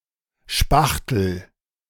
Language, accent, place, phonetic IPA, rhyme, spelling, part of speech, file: German, Germany, Berlin, [ˈʃpaxtl̩], -axtl̩, spachtel, verb, De-spachtel.ogg
- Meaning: inflection of spachteln: 1. first-person singular present 2. singular imperative